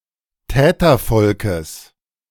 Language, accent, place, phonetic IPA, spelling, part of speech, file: German, Germany, Berlin, [ˈtɛːtɐˌfɔlkəs], Tätervolkes, noun, De-Tätervolkes.ogg
- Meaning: genitive singular of Tätervolk